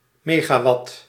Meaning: megawatt
- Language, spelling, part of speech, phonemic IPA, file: Dutch, megawatt, noun, /ˈmeɣaˌwɑt/, Nl-megawatt.ogg